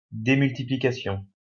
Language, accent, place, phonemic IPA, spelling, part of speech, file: French, France, Lyon, /de.myl.ti.pli.ka.sjɔ̃/, démultiplication, noun, LL-Q150 (fra)-démultiplication.wav
- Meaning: 1. reduction, lowering 2. gearing down